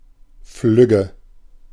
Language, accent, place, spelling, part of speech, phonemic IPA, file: German, Germany, Berlin, flügge, adjective, /ˈflʏɡə/, De-flügge.ogg
- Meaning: 1. full-fledged (of birds) 2. grown-up, independent (of people)